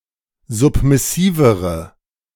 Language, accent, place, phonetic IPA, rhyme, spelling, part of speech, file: German, Germany, Berlin, [ˌzʊpmɪˈsiːvəʁə], -iːvəʁə, submissivere, adjective, De-submissivere.ogg
- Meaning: inflection of submissiv: 1. strong/mixed nominative/accusative feminine singular comparative degree 2. strong nominative/accusative plural comparative degree